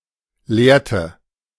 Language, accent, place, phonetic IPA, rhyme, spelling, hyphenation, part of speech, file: German, Germany, Berlin, [ˈleːɐ̯tə], -eːɐ̯tə, lehrte, lehr‧te, verb, De-lehrte.ogg
- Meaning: inflection of lehren: 1. first/third-person singular preterite 2. first/third-person singular subjunctive II